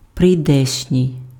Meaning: coming, to come, forthcoming (set to happen in the future)
- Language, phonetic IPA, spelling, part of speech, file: Ukrainian, [prei̯ˈdɛʃnʲii̯], прийдешній, adjective, Uk-прийдешній.ogg